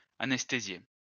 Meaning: to anesthetize
- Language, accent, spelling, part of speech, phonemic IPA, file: French, France, anesthésier, verb, /a.nɛs.te.zje/, LL-Q150 (fra)-anesthésier.wav